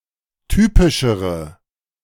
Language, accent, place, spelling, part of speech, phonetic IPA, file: German, Germany, Berlin, typischere, adjective, [ˈtyːpɪʃəʁə], De-typischere.ogg
- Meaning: inflection of typisch: 1. strong/mixed nominative/accusative feminine singular comparative degree 2. strong nominative/accusative plural comparative degree